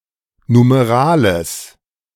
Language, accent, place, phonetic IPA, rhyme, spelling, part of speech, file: German, Germany, Berlin, [numeˈʁaːləs], -aːləs, Numerales, noun, De-Numerales.ogg
- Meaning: genitive of Numerale